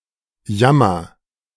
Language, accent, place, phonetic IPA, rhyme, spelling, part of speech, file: German, Germany, Berlin, [ˈjamɐ], -amɐ, jammer, verb, De-jammer.ogg
- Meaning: inflection of jammern: 1. first-person singular present 2. singular imperative